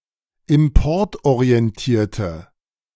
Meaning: inflection of importorientiert: 1. strong/mixed nominative/accusative feminine singular 2. strong nominative/accusative plural 3. weak nominative all-gender singular
- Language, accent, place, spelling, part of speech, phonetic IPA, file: German, Germany, Berlin, importorientierte, adjective, [ɪmˈpɔʁtʔoʁiɛnˌtiːɐ̯tə], De-importorientierte.ogg